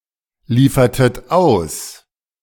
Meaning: inflection of ausliefern: 1. second-person plural preterite 2. second-person plural subjunctive II
- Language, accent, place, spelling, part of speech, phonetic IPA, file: German, Germany, Berlin, liefertet aus, verb, [ˌliːfɐtət ˈaʊ̯s], De-liefertet aus.ogg